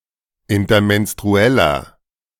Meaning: inflection of intermenstruell: 1. strong/mixed nominative masculine singular 2. strong genitive/dative feminine singular 3. strong genitive plural
- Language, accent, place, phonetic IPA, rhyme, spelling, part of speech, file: German, Germany, Berlin, [ɪntɐmɛnstʁuˈɛlɐ], -ɛlɐ, intermenstrueller, adjective, De-intermenstrueller.ogg